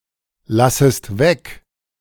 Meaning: second-person singular subjunctive I of weglassen
- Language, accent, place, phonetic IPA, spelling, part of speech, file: German, Germany, Berlin, [ˌlasəst ˈvɛk], lassest weg, verb, De-lassest weg.ogg